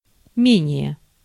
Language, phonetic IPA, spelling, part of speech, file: Russian, [ˈmʲenʲɪje], менее, adverb, Ru-менее.ogg
- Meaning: less